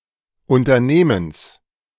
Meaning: genitive singular of Unternehmen
- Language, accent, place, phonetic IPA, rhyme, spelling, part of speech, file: German, Germany, Berlin, [ˌʊntɐˈneːməns], -eːməns, Unternehmens, noun, De-Unternehmens.ogg